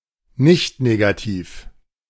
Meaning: nonnegative (either zero or positive)
- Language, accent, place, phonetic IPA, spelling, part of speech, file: German, Germany, Berlin, [ˈnɪçtneːɡatiːf], nichtnegativ, adjective, De-nichtnegativ.ogg